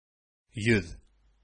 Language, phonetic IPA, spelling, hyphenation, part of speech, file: Bashkir, [jʏ̞ð], йөҙ, йөҙ, numeral / noun, Ba-йөҙ.ogg
- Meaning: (numeral) hundred; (noun) face